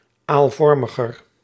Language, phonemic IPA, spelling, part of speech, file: Dutch, /alˈvɔrməɣər/, aalvormiger, adjective, Nl-aalvormiger.ogg
- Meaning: comparative degree of aalvormig